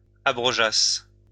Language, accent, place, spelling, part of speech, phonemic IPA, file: French, France, Lyon, abrogeasses, verb, /a.bʁɔ.ʒas/, LL-Q150 (fra)-abrogeasses.wav
- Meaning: second-person singular imperfect subjunctive of abroger